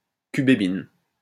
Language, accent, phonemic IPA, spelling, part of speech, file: French, France, /ky.be.bin/, cubébine, noun, LL-Q150 (fra)-cubébine.wav
- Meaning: cubebin